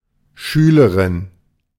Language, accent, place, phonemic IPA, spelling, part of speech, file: German, Germany, Berlin, /ˈʃyːləʁɪn/, Schülerin, noun, De-Schülerin.ogg
- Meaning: 1. schoolgirl, pupil, student (female) 2. disciple (female)